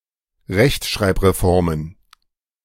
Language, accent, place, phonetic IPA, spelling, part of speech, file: German, Germany, Berlin, [ˈʁɛçtʃʁaɪ̯pʁeˌfɔʁmən], Rechtschreibreformen, noun, De-Rechtschreibreformen.ogg
- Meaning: plural of Rechtschreibreform